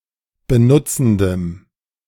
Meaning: strong dative masculine/neuter singular of benutzend
- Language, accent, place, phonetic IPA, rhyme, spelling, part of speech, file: German, Germany, Berlin, [bəˈnʊt͡sn̩dəm], -ʊt͡sn̩dəm, benutzendem, adjective, De-benutzendem.ogg